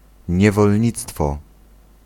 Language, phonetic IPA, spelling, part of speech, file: Polish, [ˌɲɛvɔlʲˈɲit͡stfɔ], niewolnictwo, noun, Pl-niewolnictwo.ogg